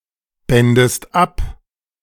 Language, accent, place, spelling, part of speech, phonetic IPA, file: German, Germany, Berlin, bändest ab, verb, [ˌbɛndəst ˈap], De-bändest ab.ogg
- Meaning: second-person singular subjunctive II of abbinden